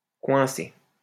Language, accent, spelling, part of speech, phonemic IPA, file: French, France, coincé, verb / adjective / noun, /kwɛ̃.se/, LL-Q150 (fra)-coincé.wav
- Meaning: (verb) past participle of coincer; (adjective) 1. stuck 2. not at ease, unconfident, uptight, stuck up; close-minded; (noun) a tightass, an uptight person